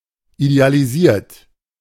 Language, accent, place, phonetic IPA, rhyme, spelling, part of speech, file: German, Germany, Berlin, [idealiˈziːɐ̯t], -iːɐ̯t, idealisiert, verb, De-idealisiert.ogg
- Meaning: 1. past participle of idealisieren 2. inflection of idealisieren: third-person singular present 3. inflection of idealisieren: second-person plural present